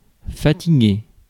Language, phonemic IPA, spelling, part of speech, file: French, /fa.ti.ɡe/, fatiguer, verb, Fr-fatiguer.ogg
- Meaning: 1. to tire 2. to wear out, to drain 3. to make an effort (especially in the negative) 4. to bore, to annoy